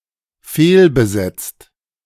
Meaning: 1. past participle of fehlbesetzen 2. inflection of fehlbesetzen: second/third-person singular dependent present 3. inflection of fehlbesetzen: second-person plural dependent present
- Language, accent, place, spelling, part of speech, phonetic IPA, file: German, Germany, Berlin, fehlbesetzt, verb, [ˈfeːlbəˌzɛt͡st], De-fehlbesetzt.ogg